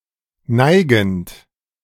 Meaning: present participle of neigen
- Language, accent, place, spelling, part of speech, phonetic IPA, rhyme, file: German, Germany, Berlin, neigend, verb, [ˈnaɪ̯ɡn̩t], -aɪ̯ɡn̩t, De-neigend.ogg